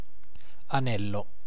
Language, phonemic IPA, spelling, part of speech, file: Italian, /aˈnɛllo/, anello, noun, It-anello.ogg